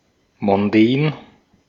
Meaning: elegant, posh, glamorous, fashionable
- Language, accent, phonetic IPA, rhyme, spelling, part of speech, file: German, Austria, [mɔnˈdɛːn], -ɛːn, mondän, adjective, De-at-mondän.ogg